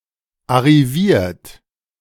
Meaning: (verb) past participle of arrivieren; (adjective) successful; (verb) inflection of arrivieren: 1. third-person singular present 2. second-person plural present 3. plural imperative
- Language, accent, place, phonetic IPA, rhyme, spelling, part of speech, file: German, Germany, Berlin, [aʁiˈviːɐ̯t], -iːɐ̯t, arriviert, adjective / verb, De-arriviert.ogg